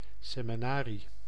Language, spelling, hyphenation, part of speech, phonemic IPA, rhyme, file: Dutch, seminarie, se‧mi‧na‧rie, noun, /ˌseː.miˈnaː.ri/, -aːri, Nl-seminarie.ogg
- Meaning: 1. a seminary 2. a seminar